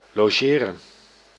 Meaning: 1. to stay (board, lodge) 2. to visit, to sleep over
- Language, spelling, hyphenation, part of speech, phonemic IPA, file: Dutch, logeren, lo‧ge‧ren, verb, /loːˈʒeː.rə(n)/, Nl-logeren.ogg